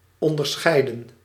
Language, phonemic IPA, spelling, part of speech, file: Dutch, /ˌɔndərˈsxɛi̯də(n)/, onderscheidden, verb, Nl-onderscheidden.ogg
- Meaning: inflection of onderscheiden: 1. plural past indicative 2. plural past subjunctive